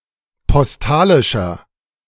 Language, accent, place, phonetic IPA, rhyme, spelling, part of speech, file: German, Germany, Berlin, [pɔsˈtaːlɪʃɐ], -aːlɪʃɐ, postalischer, adjective, De-postalischer.ogg
- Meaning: inflection of postalisch: 1. strong/mixed nominative masculine singular 2. strong genitive/dative feminine singular 3. strong genitive plural